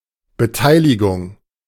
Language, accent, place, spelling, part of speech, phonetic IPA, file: German, Germany, Berlin, Beteiligung, noun, [bəˈtaɪ̯lɪɡʊŋ], De-Beteiligung.ogg
- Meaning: participation (act of participating)